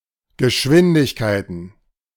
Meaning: plural of Geschwindigkeit
- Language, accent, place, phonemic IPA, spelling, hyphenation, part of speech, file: German, Germany, Berlin, /ɡəˈʃvɪndɪçkaɪ̯tən/, Geschwindigkeiten, Ge‧schwin‧dig‧kei‧ten, noun, De-Geschwindigkeiten.ogg